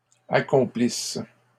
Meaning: inflection of accomplir: 1. first/third-person singular present subjunctive 2. first-person singular imperfect subjunctive
- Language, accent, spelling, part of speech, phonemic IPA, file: French, Canada, accomplisse, verb, /a.kɔ̃.plis/, LL-Q150 (fra)-accomplisse.wav